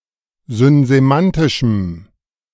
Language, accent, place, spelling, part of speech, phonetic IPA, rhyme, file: German, Germany, Berlin, synsemantischem, adjective, [zʏnzeˈmantɪʃm̩], -antɪʃm̩, De-synsemantischem.ogg
- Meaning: strong dative masculine/neuter singular of synsemantisch